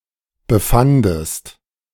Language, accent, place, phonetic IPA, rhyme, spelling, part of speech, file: German, Germany, Berlin, [bəˈfandəst], -andəst, befandest, verb, De-befandest.ogg
- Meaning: second-person singular preterite of befinden